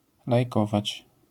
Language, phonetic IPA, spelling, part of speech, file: Polish, [lajˈkɔvat͡ɕ], lajkować, verb, LL-Q809 (pol)-lajkować.wav